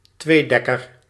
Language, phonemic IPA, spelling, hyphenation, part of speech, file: Dutch, /ˈtʋeːˌdɛ.kər/, tweedekker, twee‧dek‧ker, noun, Nl-tweedekker.ogg
- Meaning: 1. biplane 2. a ship with two decks